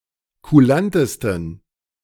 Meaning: 1. superlative degree of kulant 2. inflection of kulant: strong genitive masculine/neuter singular superlative degree
- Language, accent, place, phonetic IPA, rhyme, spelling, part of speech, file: German, Germany, Berlin, [kuˈlantəstn̩], -antəstn̩, kulantesten, adjective, De-kulantesten.ogg